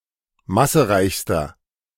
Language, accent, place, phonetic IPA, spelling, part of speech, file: German, Germany, Berlin, [ˈmasəˌʁaɪ̯çstɐ], massereichster, adjective, De-massereichster.ogg
- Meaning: inflection of massereich: 1. strong/mixed nominative masculine singular superlative degree 2. strong genitive/dative feminine singular superlative degree 3. strong genitive plural superlative degree